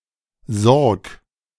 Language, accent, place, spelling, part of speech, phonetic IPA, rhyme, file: German, Germany, Berlin, sorg, verb, [zɔʁk], -ɔʁk, De-sorg.ogg
- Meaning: imperative singular of sorgen